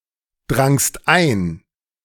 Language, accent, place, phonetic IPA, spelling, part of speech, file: German, Germany, Berlin, [ˌdʁaŋst ˈaɪ̯n], drangst ein, verb, De-drangst ein.ogg
- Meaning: second-person singular preterite of eindringen